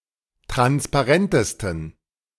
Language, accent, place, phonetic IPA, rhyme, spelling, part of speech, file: German, Germany, Berlin, [ˌtʁanspaˈʁɛntəstn̩], -ɛntəstn̩, transparentesten, adjective, De-transparentesten.ogg
- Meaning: 1. superlative degree of transparent 2. inflection of transparent: strong genitive masculine/neuter singular superlative degree